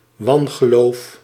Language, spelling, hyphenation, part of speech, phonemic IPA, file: Dutch, wangeloof, wan‧ge‧loof, noun, /ˈʋɑn.ɣəˌloːf/, Nl-wangeloof.ogg
- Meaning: 1. superstition 2. religious unorthodoxy